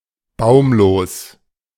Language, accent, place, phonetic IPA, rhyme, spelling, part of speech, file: German, Germany, Berlin, [ˈbaʊ̯mloːs], -aʊ̯mloːs, baumlos, adjective, De-baumlos.ogg
- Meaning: treeless (without trees)